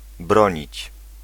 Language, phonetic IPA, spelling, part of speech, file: Polish, [ˈbrɔ̃ɲit͡ɕ], bronić, verb, Pl-bronić.ogg